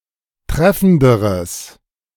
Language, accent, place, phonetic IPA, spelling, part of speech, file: German, Germany, Berlin, [ˈtʁɛfn̩dəʁəs], treffenderes, adjective, De-treffenderes.ogg
- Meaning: strong/mixed nominative/accusative neuter singular comparative degree of treffend